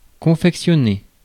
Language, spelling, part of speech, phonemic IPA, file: French, confectionner, verb, /kɔ̃.fɛk.sjɔ.ne/, Fr-confectionner.ogg
- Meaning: 1. to make, create 2. to fashion (clothes)